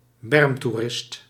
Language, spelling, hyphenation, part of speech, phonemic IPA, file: Dutch, bermtoerist, berm‧toe‧rist, noun, /ˈbɛrm.tuˌrɪst/, Nl-bermtoerist.ogg
- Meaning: roadside tourist (one who engages in recreation at the side of a road)